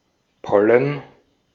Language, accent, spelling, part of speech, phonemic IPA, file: German, Austria, Pollen, noun, /ˈpɔlən/, De-at-Pollen.ogg
- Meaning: pollen